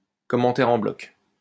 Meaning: block comment
- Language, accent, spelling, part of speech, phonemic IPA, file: French, France, commentaire en bloc, noun, /kɔ.mɑ̃.tɛʁ ɑ̃ blɔk/, LL-Q150 (fra)-commentaire en bloc.wav